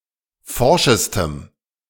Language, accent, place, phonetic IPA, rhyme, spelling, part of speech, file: German, Germany, Berlin, [ˈfɔʁʃəstəm], -ɔʁʃəstəm, forschestem, adjective, De-forschestem.ogg
- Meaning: strong dative masculine/neuter singular superlative degree of forsch